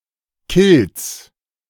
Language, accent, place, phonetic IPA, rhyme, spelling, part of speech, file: German, Germany, Berlin, [kɪlt͡s], -ɪlt͡s, Kilts, noun, De-Kilts.ogg
- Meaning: plural of Kilt